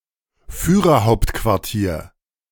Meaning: Führer's headquarters
- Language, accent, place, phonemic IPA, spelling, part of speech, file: German, Germany, Berlin, /fyːʁɐˈhaʊ̯ptkvaʁtiːɐ̯/, Führerhauptquartier, noun, De-Führerhauptquartier.ogg